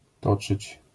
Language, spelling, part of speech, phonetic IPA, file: Polish, toczyć, verb, [ˈtɔt͡ʃɨt͡ɕ], LL-Q809 (pol)-toczyć.wav